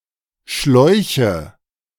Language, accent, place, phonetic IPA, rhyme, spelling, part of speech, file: German, Germany, Berlin, [ˈʃlɔɪ̯çə], -ɔɪ̯çə, Schläuche, noun, De-Schläuche.ogg
- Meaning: nominative/accusative/genitive plural of Schlauch